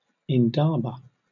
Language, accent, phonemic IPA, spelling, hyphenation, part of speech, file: English, Southern England, /ɪnˈdɑːbə/, indaba, in‧da‧ba, noun, LL-Q1860 (eng)-indaba.wav
- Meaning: 1. A tribal conference held by Nguni leaders 2. Any conference, discussion, or meeting 3. Chiefly in one's own or someone's indaba: a concern, matter, or problem